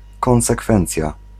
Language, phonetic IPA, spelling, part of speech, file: Polish, [ˌkɔ̃w̃sɛˈkfɛ̃nt͡sʲja], konsekwencja, noun, Pl-konsekwencja.ogg